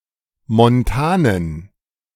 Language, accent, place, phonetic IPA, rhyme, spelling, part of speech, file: German, Germany, Berlin, [mɔnˈtaːnən], -aːnən, montanen, adjective, De-montanen.ogg
- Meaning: inflection of montan: 1. strong genitive masculine/neuter singular 2. weak/mixed genitive/dative all-gender singular 3. strong/weak/mixed accusative masculine singular 4. strong dative plural